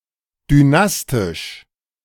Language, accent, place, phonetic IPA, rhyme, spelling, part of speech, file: German, Germany, Berlin, [dyˈnastɪʃ], -astɪʃ, dynastisch, adjective, De-dynastisch.ogg
- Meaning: dynastic